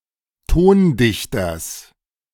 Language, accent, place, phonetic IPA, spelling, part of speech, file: German, Germany, Berlin, [ˈtoːnˌdɪçtɐs], Tondichters, noun, De-Tondichters.ogg
- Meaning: genitive singular of Tondichter